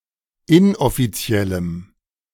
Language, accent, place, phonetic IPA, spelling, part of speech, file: German, Germany, Berlin, [ˈɪnʔɔfiˌt͡si̯ɛləm], inoffiziellem, adjective, De-inoffiziellem.ogg
- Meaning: strong dative masculine/neuter singular of inoffiziell